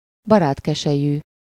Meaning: Eurasian black vulture (Aegypius monachus)
- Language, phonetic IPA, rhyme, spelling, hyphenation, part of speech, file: Hungarian, [ˈbɒraːtkɛʃɛjyː], -jyː, barátkeselyű, ba‧rát‧ke‧se‧lyű, noun, Hu-barátkeselyű.ogg